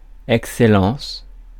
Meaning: 1. excellence 2. excellency (term of address)
- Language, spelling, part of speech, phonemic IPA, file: French, excellence, noun, /ɛk.sɛ.lɑ̃s/, Fr-excellence.ogg